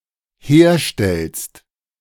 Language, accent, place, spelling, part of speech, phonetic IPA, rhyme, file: German, Germany, Berlin, herstellst, verb, [ˈheːɐ̯ˌʃtɛlst], -eːɐ̯ʃtɛlst, De-herstellst.ogg
- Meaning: second-person singular dependent present of herstellen